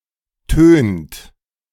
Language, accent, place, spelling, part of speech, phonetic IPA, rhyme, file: German, Germany, Berlin, tönt, verb, [tøːnt], -øːnt, De-tönt.ogg
- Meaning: inflection of tönen: 1. second-person plural present 2. third-person singular present 3. plural imperative